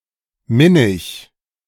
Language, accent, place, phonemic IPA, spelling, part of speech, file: German, Germany, Berlin, /ˈmɪnɪç/, minnig, adjective, De-minnig.ogg
- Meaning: amiable